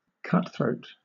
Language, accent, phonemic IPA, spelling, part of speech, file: English, Southern England, /ˈkʌtθɹəʊt/, cutthroat, noun / adjective, LL-Q1860 (eng)-cutthroat.wav
- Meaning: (noun) 1. A murderer who slits the throats of victims 2. An unscrupulous, ruthless or unethical person